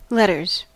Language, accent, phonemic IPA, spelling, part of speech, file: English, US, /ˈlɛtɚz/, letters, noun / verb, En-us-letters.ogg
- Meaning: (noun) 1. plural of letter 2. Literature (school subject) 3. The liberal arts, humanities, learning (broad accumulated cultural knowledge)